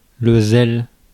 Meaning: zeal
- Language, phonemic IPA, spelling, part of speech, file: French, /zɛl/, zèle, noun, Fr-zèle.ogg